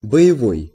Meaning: 1. combat, battle, fighting 2. live, lethal (as opposed to dummy, blank, or non-lethal) 3. militant, bellicose, belligerent 4. active, energetic
- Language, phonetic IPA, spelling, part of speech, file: Russian, [bə(j)ɪˈvoj], боевой, adjective, Ru-боевой.ogg